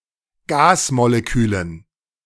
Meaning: dative plural of Gasmolekül
- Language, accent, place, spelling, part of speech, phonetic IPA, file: German, Germany, Berlin, Gasmolekülen, noun, [ˈɡaːsmoleˌkyːlən], De-Gasmolekülen.ogg